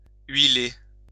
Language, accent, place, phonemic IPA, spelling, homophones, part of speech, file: French, France, Lyon, /ɥi.le/, huiler, huilai / huilé / huilée / huilées / huilés / huilez, verb, LL-Q150 (fra)-huiler.wav
- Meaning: to oil, oil up (cover or coat with oil)